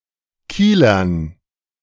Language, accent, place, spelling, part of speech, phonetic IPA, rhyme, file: German, Germany, Berlin, Kielern, noun, [ˈkiːlɐn], -iːlɐn, De-Kielern.ogg
- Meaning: dative plural of Kieler